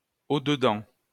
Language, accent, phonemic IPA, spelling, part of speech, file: French, France, /o.də.dɑ̃/, au-dedans, adverb, LL-Q150 (fra)-au-dedans.wav
- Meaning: inside, within